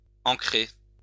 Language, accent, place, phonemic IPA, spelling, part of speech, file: French, France, Lyon, /ɑ̃.kʁe/, ancré, verb / adjective, LL-Q150 (fra)-ancré.wav
- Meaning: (verb) past participle of ancrer; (adjective) anchoring, fixing